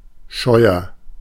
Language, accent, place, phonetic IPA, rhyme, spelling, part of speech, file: German, Germany, Berlin, [ˈʃɔɪ̯ɐ], -ɔɪ̯ɐ, scheuer, adjective, De-scheuer.ogg
- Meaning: inflection of scheuern: 1. first-person singular present 2. singular imperative